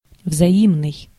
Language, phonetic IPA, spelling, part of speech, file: Russian, [vzɐˈimnɨj], взаимный, adjective, Ru-взаимный.ogg
- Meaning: mutual, reciprocal